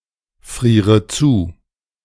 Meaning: inflection of zufrieren: 1. first-person singular present 2. first/third-person singular subjunctive I 3. singular imperative
- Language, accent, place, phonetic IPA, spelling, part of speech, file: German, Germany, Berlin, [ˌfʁiːʁə ˈt͡suː], friere zu, verb, De-friere zu.ogg